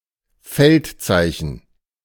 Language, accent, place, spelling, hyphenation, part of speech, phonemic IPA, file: German, Germany, Berlin, Feldzeichen, Feld‧zei‧chen, noun, /ˈfɛltˌt͡saɪ̯çn̩/, De-Feldzeichen.ogg
- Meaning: standard